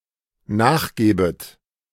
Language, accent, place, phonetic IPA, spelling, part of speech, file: German, Germany, Berlin, [ˈnaːxˌɡeːbət], nachgebet, verb, De-nachgebet.ogg
- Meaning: second-person plural dependent subjunctive I of nachgeben